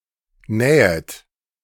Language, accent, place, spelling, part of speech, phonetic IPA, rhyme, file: German, Germany, Berlin, nähet, verb, [ˈnɛːət], -ɛːət, De-nähet.ogg
- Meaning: second-person plural subjunctive I of nähen